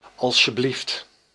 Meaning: 1. please 2. here you are
- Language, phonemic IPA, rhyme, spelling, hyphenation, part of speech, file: Dutch, /ˌɑ(l)ʃəˈblift/, -ift, alsjeblieft, als‧je‧blieft, adverb, Nl-alsjeblieft.ogg